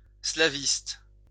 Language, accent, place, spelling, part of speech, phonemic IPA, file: French, France, Lyon, slaviste, noun, /sla.vist/, LL-Q150 (fra)-slaviste.wav
- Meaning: Slavist, linguist specialized in Slavic languages